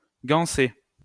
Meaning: to border (decorate with a border)
- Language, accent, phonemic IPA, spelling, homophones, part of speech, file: French, France, /ɡɑ̃.se/, ganser, gansé / gansée / gansées / gansés / gansez, verb, LL-Q150 (fra)-ganser.wav